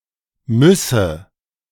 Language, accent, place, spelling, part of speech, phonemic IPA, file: German, Germany, Berlin, müsse, verb, /ˈmʏsə/, De-müsse.ogg
- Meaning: first/third-person singular subjunctive I of müssen